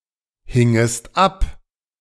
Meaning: second-person singular subjunctive II of abhängen
- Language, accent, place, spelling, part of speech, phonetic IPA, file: German, Germany, Berlin, hingest ab, verb, [ˌhɪŋəst ˈap], De-hingest ab.ogg